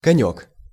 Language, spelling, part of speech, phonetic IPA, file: Russian, конёк, noun, [kɐˈnʲɵk], Ru-конёк.ogg
- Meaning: 1. diminutive of конь (konʹ): (little) horse, horsy 2. skate (ice skate or roller skate) 3. hobby, fad, soapbox, favourite/favorite subject 4. pipit (bird) 5. (roof) ridge, finial